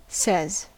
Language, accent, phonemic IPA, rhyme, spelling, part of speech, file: English, US, /sɛz/, -ɛz, says, verb, En-us-says.ogg
- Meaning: third-person singular simple present indicative of say